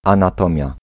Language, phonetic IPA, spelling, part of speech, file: Polish, [ˌãnaˈtɔ̃mʲja], anatomia, noun, Pl-anatomia.ogg